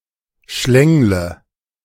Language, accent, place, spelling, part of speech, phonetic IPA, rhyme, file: German, Germany, Berlin, schlängle, verb, [ˈʃlɛŋlə], -ɛŋlə, De-schlängle.ogg
- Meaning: inflection of schlängeln: 1. first-person singular present 2. singular imperative 3. first/third-person singular subjunctive I